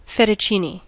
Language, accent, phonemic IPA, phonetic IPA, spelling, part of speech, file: English, US, /ˌfɛtəˈt͡ʃini/, [ˌfɛɾəˈt͡ʃʰini], fettuccini, noun, En-us-fettuccini.ogg
- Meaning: A long, broad, thick noodle; a type of pasta having this shape